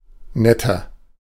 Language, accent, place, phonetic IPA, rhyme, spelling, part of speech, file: German, Germany, Berlin, [ˈnɛtɐ], -ɛtɐ, netter, adjective, De-netter.ogg
- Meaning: 1. comparative degree of nett 2. inflection of nett: strong/mixed nominative masculine singular 3. inflection of nett: strong genitive/dative feminine singular